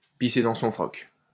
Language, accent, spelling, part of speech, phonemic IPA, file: French, France, pisser dans son froc, verb, /pi.se dɑ̃ sɔ̃ fʁɔk/, LL-Q150 (fra)-pisser dans son froc.wav
- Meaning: to piss oneself (to be very afraid)